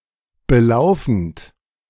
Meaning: present participle of belaufen
- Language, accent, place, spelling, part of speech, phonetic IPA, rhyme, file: German, Germany, Berlin, belaufend, verb, [bəˈlaʊ̯fn̩t], -aʊ̯fn̩t, De-belaufend.ogg